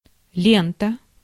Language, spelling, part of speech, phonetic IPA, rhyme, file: Russian, лента, noun, [ˈlʲentə], -entə, Ru-лента.ogg
- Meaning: 1. ribbon, band 2. tape (adhesive, recording, measuring, etc.) 3. belt 4. anything that winds or stretches in a ribbon-like form 5. film, movie 6. feed